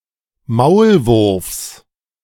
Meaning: genitive singular of Maulwurf
- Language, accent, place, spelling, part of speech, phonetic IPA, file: German, Germany, Berlin, Maulwurfs, noun, [ˈmaʊ̯lˌvʊʁfs], De-Maulwurfs.ogg